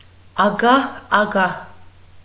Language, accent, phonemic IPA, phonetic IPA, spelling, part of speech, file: Armenian, Eastern Armenian, /ɑˈɡɑh ɑˈɡɑh/, [ɑɡɑ́h ɑɡɑ́h], ագահ-ագահ, adverb, Hy-ագահ-ագահ.ogg
- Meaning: synonym of ագահաբար (agahabar)